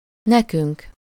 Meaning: first-person plural of neki: to/for us
- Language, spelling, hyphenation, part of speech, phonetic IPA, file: Hungarian, nekünk, ne‧künk, pronoun, [ˈnɛkyŋk], Hu-nekünk.ogg